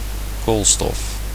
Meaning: carbon
- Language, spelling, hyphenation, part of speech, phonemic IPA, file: Dutch, koolstof, kool‧stof, noun, /ˈkoːl.stɔf/, Nl-koolstof.ogg